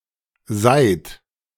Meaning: inflection of seihen: 1. second-person plural present 2. third-person singular present 3. plural imperative
- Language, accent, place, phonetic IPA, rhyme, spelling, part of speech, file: German, Germany, Berlin, [zaɪ̯t], -aɪ̯t, seiht, verb, De-seiht.ogg